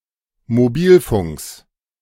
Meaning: genitive singular of Mobilfunk
- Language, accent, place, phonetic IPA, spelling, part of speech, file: German, Germany, Berlin, [moˈbiːlˌfʊŋks], Mobilfunks, noun, De-Mobilfunks.ogg